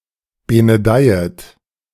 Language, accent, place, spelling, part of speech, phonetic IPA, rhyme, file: German, Germany, Berlin, benedeiet, verb, [ˌbenəˈdaɪ̯ət], -aɪ̯ət, De-benedeiet.ogg
- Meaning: second-person plural subjunctive I of benedeien